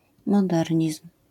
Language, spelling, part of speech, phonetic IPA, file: Polish, modernizm, noun, [mɔˈdɛrʲɲism̥], LL-Q809 (pol)-modernizm.wav